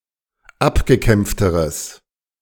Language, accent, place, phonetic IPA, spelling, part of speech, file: German, Germany, Berlin, [ˈapɡəˌkɛmp͡ftəʁəs], abgekämpfteres, adjective, De-abgekämpfteres.ogg
- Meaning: strong/mixed nominative/accusative neuter singular comparative degree of abgekämpft